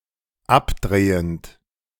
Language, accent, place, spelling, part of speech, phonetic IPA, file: German, Germany, Berlin, abdrehend, verb, [ˈapˌdʁeːənt], De-abdrehend.ogg
- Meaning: present participle of abdrehen